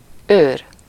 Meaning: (noun) 1. guard, watchman, keeper 2. guardian, protector; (verb) 1. alternative form of őröl, to grind, mill, pulverize 2. to chat without drinking wine (often used with szárazon)
- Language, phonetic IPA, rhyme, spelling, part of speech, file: Hungarian, [ˈøːr], -øːr, őr, noun / verb, Hu-őr.ogg